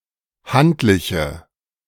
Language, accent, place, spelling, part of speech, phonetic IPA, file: German, Germany, Berlin, handliche, adjective, [ˈhantlɪçə], De-handliche.ogg
- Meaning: inflection of handlich: 1. strong/mixed nominative/accusative feminine singular 2. strong nominative/accusative plural 3. weak nominative all-gender singular